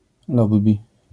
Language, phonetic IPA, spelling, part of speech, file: Polish, [ˈlɔbbʲi], lobby, noun, LL-Q809 (pol)-lobby.wav